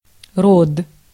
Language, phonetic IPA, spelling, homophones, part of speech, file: Russian, [rot], род, рот, noun, Ru-род.ogg